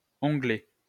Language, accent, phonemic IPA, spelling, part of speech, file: French, France, /ɔ̃.ɡlɛ/, onglet, noun, LL-Q150 (fra)-onglet.wav
- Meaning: 1. tab (small flap or strip of material inserted into a book) 2. tab (navigational widget in a GUI) 3. fillet fairing joining wing root to fuselage 4. a hanger steak